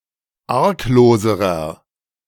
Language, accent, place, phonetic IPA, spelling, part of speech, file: German, Germany, Berlin, [ˈaʁkˌloːzəʁɐ], argloserer, adjective, De-argloserer.ogg
- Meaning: inflection of arglos: 1. strong/mixed nominative masculine singular comparative degree 2. strong genitive/dative feminine singular comparative degree 3. strong genitive plural comparative degree